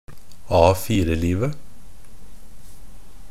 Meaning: definite singular of A4-liv
- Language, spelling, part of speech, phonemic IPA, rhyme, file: Norwegian Bokmål, A4-livet, noun, /ˈɑːfiːrəliːʋə/, -iːʋə, NB - Pronunciation of Norwegian Bokmål «A4-livet».ogg